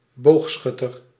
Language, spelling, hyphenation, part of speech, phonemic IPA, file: Dutch, boogschutter, boog‧schut‧ter, noun, /ˈboːxˌsxʏtər/, Nl-boogschutter.ogg
- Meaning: an archer (one who shoots an arrow from a bow or a bolt from a crossbow), especially a bowman or bowwoman